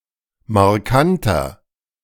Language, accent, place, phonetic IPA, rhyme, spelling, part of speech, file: German, Germany, Berlin, [maʁˈkantɐ], -antɐ, markanter, adjective, De-markanter.ogg
- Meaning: 1. comparative degree of markant 2. inflection of markant: strong/mixed nominative masculine singular 3. inflection of markant: strong genitive/dative feminine singular